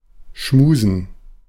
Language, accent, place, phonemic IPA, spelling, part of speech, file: German, Germany, Berlin, /ˈʃmuːzən/, schmusen, verb, De-schmusen.ogg
- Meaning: 1. to cuddle, fondle, canoodle 2. to kiss passionately; to neck; to make out; to smooch 3. to flirt, flatter